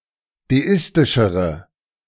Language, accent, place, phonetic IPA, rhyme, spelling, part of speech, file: German, Germany, Berlin, [deˈɪstɪʃəʁə], -ɪstɪʃəʁə, deistischere, adjective, De-deistischere.ogg
- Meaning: inflection of deistisch: 1. strong/mixed nominative/accusative feminine singular comparative degree 2. strong nominative/accusative plural comparative degree